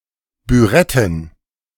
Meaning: plural of Bürette
- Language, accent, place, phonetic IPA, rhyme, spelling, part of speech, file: German, Germany, Berlin, [byˈʁɛtn̩], -ɛtn̩, Büretten, noun, De-Büretten.ogg